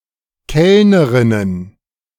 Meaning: plural of Kellnerin
- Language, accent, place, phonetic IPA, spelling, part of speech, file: German, Germany, Berlin, [ˈkɛlnəʁɪnən], Kellnerinnen, noun, De-Kellnerinnen.ogg